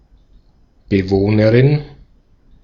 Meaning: female equivalent of Bewohner
- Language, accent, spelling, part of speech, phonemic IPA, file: German, Austria, Bewohnerin, noun, /bəˈvoːnəʁɪn/, De-at-Bewohnerin.ogg